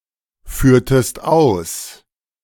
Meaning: inflection of ausführen: 1. second-person singular preterite 2. second-person singular subjunctive II
- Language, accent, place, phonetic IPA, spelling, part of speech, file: German, Germany, Berlin, [ˌfyːɐ̯təst ˈaʊ̯s], führtest aus, verb, De-führtest aus.ogg